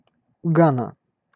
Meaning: Ghana (a country in West Africa)
- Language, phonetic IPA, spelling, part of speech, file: Russian, [ˈɡanə], Гана, proper noun, Ru-Гана.ogg